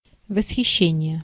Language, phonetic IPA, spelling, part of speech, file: Russian, [vəsxʲɪˈɕːenʲɪje], восхищение, noun, Ru-восхищение.ogg
- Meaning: admiration, delight, rapture, ravishment